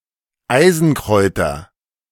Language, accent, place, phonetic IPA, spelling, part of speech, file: German, Germany, Berlin, [ˈaɪ̯zn̩ˌkʁɔɪ̯tɐ], Eisenkräuter, noun, De-Eisenkräuter.ogg
- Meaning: nominative/accusative/genitive plural of Eisenkraut